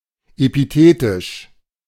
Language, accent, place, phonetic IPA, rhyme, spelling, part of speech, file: German, Germany, Berlin, [epiˈteːtɪʃ], -eːtɪʃ, epithetisch, adjective, De-epithetisch.ogg
- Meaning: epithetic